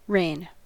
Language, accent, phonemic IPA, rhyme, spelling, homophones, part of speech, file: English, US, /ɹeɪn/, -eɪn, rein, rain / reign, noun / verb, En-us-rein.ogg
- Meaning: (noun) 1. A strap or rope attached to a bridle or bit, used to control a horse, other animal or young child 2. An instrument or means of curbing, restraining, or governing